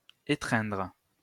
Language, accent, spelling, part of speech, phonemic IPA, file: French, France, étreindre, verb, /e.tʁɛ̃dʁ/, LL-Q150 (fra)-étreindre.wav
- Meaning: 1. to hug (embrace) 2. to clutch, grip